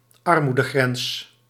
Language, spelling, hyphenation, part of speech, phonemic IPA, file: Dutch, armoedegrens, ar‧moe‧de‧grens, noun, /ˈɑr.mu.dəˌɣrɛns/, Nl-armoedegrens.ogg
- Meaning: poverty line